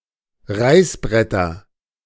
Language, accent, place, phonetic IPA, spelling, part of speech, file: German, Germany, Berlin, [ˈʁaɪ̯sˌbʁɛtɐ], Reißbretter, noun, De-Reißbretter.ogg
- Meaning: nominative/accusative/genitive plural of Reißbrett